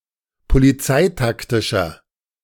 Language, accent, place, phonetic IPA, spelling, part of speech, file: German, Germany, Berlin, [poliˈt͡saɪ̯takˌtɪʃɐ], polizeitaktischer, adjective, De-polizeitaktischer.ogg
- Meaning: inflection of polizeitaktisch: 1. strong/mixed nominative masculine singular 2. strong genitive/dative feminine singular 3. strong genitive plural